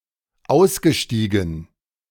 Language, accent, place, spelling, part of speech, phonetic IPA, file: German, Germany, Berlin, ausgestiegen, verb, [ˈaʊ̯sɡəˌʃtiːɡn̩], De-ausgestiegen.ogg
- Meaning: past participle of aussteigen